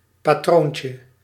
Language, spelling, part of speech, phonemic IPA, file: Dutch, patroontje, noun, /paˈtroɲcə/, Nl-patroontje.ogg
- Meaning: diminutive of patroon